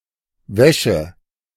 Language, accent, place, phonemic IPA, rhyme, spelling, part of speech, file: German, Germany, Berlin, /ˈvɛʃə/, -ɛʃə, Wäsche, noun, De-Wäsche.ogg
- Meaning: 1. wash, washing, laundry (the act of cleaning with water; an instance thereof) 2. laundry (clothes that have been or are to be washed) 3. clothes, especially underwear